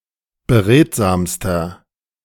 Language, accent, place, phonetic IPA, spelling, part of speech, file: German, Germany, Berlin, [bəˈʁeːtzaːmstɐ], beredsamster, adjective, De-beredsamster.ogg
- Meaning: inflection of beredsam: 1. strong/mixed nominative masculine singular superlative degree 2. strong genitive/dative feminine singular superlative degree 3. strong genitive plural superlative degree